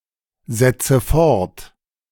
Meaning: inflection of fortsetzen: 1. first-person singular present 2. first/third-person singular subjunctive I 3. singular imperative
- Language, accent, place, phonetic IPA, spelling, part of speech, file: German, Germany, Berlin, [ˌzɛt͡sə ˈfɔʁt], setze fort, verb, De-setze fort.ogg